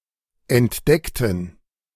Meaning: inflection of entdecken: 1. first/third-person plural preterite 2. first/third-person plural subjunctive II
- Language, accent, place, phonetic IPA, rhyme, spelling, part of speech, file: German, Germany, Berlin, [ɛntˈdɛktn̩], -ɛktn̩, entdeckten, adjective / verb, De-entdeckten.ogg